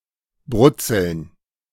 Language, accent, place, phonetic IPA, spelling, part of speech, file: German, Germany, Berlin, [ˈbrʊtsl̩n], brutzeln, verb, De-brutzeln.ogg
- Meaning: 1. to fry 2. to sizzle, to frizzle, to splutter